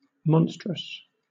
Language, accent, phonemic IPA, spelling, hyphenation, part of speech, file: English, Southern England, /ˈmɒnstɹəs/, monstrous, mon‧strous, adjective, LL-Q1860 (eng)-monstrous.wav
- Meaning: 1. Hideous or frightful 2. Enormously large 3. Freakish or grotesque 4. Of, or relating to a mythical monster; full of monsters 5. Marvellous; exceedingly strange; fantastical